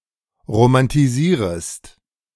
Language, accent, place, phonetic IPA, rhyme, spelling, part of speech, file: German, Germany, Berlin, [ʁomantiˈziːʁəst], -iːʁəst, romantisierest, verb, De-romantisierest.ogg
- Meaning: second-person singular subjunctive I of romantisieren